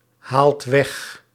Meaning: inflection of weghalen: 1. second/third-person singular present indicative 2. plural imperative
- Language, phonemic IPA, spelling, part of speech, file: Dutch, /ˈhalt ˈwɛx/, haalt weg, verb, Nl-haalt weg.ogg